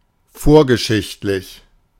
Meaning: prehistoric
- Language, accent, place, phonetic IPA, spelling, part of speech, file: German, Germany, Berlin, [ˈfoːɐ̯ɡəˌʃɪçtlɪç], vorgeschichtlich, adjective, De-vorgeschichtlich.ogg